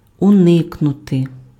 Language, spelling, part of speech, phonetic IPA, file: Ukrainian, уникнути, verb, [ʊˈnɪknʊte], Uk-уникнути.ogg
- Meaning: 1. to avoid, to evade, to elude, to escape 2. to avoid, to eschew, to shun